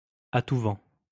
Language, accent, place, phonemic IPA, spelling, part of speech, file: French, France, Lyon, /a tu vɑ̃/, à tout vent, adverb, LL-Q150 (fra)-à tout vent.wav
- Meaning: left and right, everywhere and without due consideration, at every turn and rather blithely